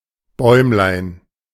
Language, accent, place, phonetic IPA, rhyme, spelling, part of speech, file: German, Germany, Berlin, [ˈbɔɪ̯mlaɪ̯n], -ɔɪ̯mlaɪ̯n, Bäumlein, noun, De-Bäumlein.ogg
- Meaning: diminutive of Baum